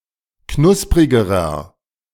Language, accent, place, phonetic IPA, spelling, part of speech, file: German, Germany, Berlin, [ˈknʊspʁɪɡəʁɐ], knusprigerer, adjective, De-knusprigerer.ogg
- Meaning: inflection of knusprig: 1. strong/mixed nominative masculine singular comparative degree 2. strong genitive/dative feminine singular comparative degree 3. strong genitive plural comparative degree